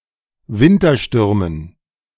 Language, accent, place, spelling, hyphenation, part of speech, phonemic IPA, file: German, Germany, Berlin, Winterstürmen, Win‧ter‧stür‧men, noun, /ˈvɪntɐˌʃtʏʁmən/, De-Winterstürmen.ogg
- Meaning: dative plural of Wintersturm